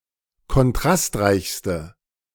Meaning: inflection of kontrastreich: 1. strong/mixed nominative/accusative feminine singular superlative degree 2. strong nominative/accusative plural superlative degree
- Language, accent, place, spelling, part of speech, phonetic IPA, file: German, Germany, Berlin, kontrastreichste, adjective, [kɔnˈtʁastˌʁaɪ̯çstə], De-kontrastreichste.ogg